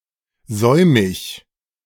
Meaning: 1. belated (later in relation to the proper time, especially of obligations such as payments) 2. careless
- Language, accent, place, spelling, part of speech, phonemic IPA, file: German, Germany, Berlin, säumig, adjective, /ˈzɔɪ̯mɪç/, De-säumig.ogg